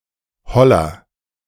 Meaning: 1. alternative form of Holunder ("elder") 2. nonsense, rubbish
- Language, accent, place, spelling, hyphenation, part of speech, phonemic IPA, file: German, Germany, Berlin, Holler, Hol‧ler, noun, /ˈhɔlər/, De-Holler.ogg